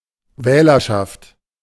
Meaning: electorate
- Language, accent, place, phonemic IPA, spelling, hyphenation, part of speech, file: German, Germany, Berlin, /ˈvɛːlɐʃaft/, Wählerschaft, Wäh‧ler‧schaft, noun, De-Wählerschaft.ogg